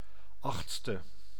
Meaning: eighth
- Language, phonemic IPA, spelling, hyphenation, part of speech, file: Dutch, /ˈɑx(t)stə/, achtste, acht‧ste, adjective, Nl-achtste.ogg